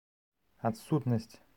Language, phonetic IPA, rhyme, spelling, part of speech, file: Belarusian, [atˈsutnasʲt͡sʲ], -utnasʲt͡sʲ, адсутнасць, noun, Be-адсутнасць.ogg
- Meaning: absence